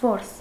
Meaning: 1. hunt, hunting, catching, chase 2. game 3. catch, take, prey
- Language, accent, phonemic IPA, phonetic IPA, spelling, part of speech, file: Armenian, Eastern Armenian, /voɾs/, [voɾs], որս, noun, Hy-որս.ogg